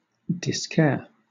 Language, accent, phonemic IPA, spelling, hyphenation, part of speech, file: English, Southern England, /dɪsˈkɛə/, discaire, disc‧aire, noun, LL-Q1860 (eng)-discaire.wav
- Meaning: Alternative spelling of disquaire (“disc jockey”)